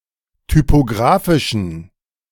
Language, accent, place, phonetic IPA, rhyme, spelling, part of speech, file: German, Germany, Berlin, [typoˈɡʁaːfɪʃn̩], -aːfɪʃn̩, typographischen, adjective, De-typographischen.ogg
- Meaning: inflection of typographisch: 1. strong genitive masculine/neuter singular 2. weak/mixed genitive/dative all-gender singular 3. strong/weak/mixed accusative masculine singular 4. strong dative plural